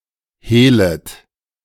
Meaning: second-person plural subjunctive I of hehlen
- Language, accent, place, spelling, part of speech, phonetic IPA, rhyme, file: German, Germany, Berlin, hehlet, verb, [ˈheːlət], -eːlət, De-hehlet.ogg